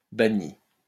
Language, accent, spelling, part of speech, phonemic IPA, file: French, France, bannie, verb, /ba.ni/, LL-Q150 (fra)-bannie.wav
- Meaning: feminine singular of banni